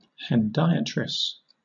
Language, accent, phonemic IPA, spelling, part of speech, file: English, Southern England, /hɛnˈdaɪətɹɪs/, hendiatris, noun, LL-Q1860 (eng)-hendiatris.wav
- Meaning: A figure of speech or literary device in which three words are used to express one idea